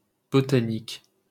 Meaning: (adjective) of botany; botanical; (noun) botany (branch of biology concerned with the scientific study of plants)
- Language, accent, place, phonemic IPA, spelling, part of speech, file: French, France, Paris, /bɔ.ta.nik/, botanique, adjective / noun, LL-Q150 (fra)-botanique.wav